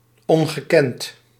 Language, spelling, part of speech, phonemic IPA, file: Dutch, ongekend, adjective, /ˌɔŋɣəˈkɛnt/, Nl-ongekend.ogg
- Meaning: 1. unprecedented, unknown 2. immense, enormous